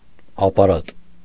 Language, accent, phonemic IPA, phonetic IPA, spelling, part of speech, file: Armenian, Eastern Armenian, /ɑpɑˈɾɑt/, [ɑpɑɾɑ́t], ապարատ, noun, Hy-ապարատ.ogg
- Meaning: 1. apparatus, instrument, device 2. apparatus (bureaucratic organization)